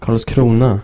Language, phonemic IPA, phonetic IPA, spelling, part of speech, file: Swedish, /karls²kruːna/, [kaɭsˈkrûːna], Karlskrona, proper noun, Sv-Karlskrona.ogg
- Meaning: a city in Blekinge, southern Sweden